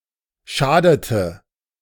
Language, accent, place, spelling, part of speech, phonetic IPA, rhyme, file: German, Germany, Berlin, schadete, verb, [ˈʃaːdətə], -aːdətə, De-schadete.ogg
- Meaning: inflection of schaden: 1. first/third-person singular preterite 2. first/third-person singular subjunctive II